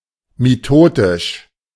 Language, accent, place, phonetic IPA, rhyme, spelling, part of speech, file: German, Germany, Berlin, [miˈtoːtɪʃ], -oːtɪʃ, mitotisch, adjective, De-mitotisch.ogg
- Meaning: mitotic